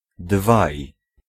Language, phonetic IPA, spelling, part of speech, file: Polish, [dvaj], dwaj, numeral, Pl-dwaj.ogg